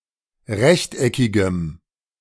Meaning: strong dative masculine/neuter singular of rechteckig
- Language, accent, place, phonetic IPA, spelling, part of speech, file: German, Germany, Berlin, [ˈʁɛçtʔɛkɪɡəm], rechteckigem, adjective, De-rechteckigem.ogg